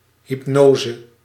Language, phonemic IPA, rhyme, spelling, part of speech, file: Dutch, /ɦipˈnoː.zə/, -oːzə, hypnose, noun, Nl-hypnose.ogg
- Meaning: hypnosis